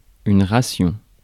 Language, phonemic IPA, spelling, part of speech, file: French, /ʁa.sjɔ̃/, ration, noun, Fr-ration.ogg
- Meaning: ration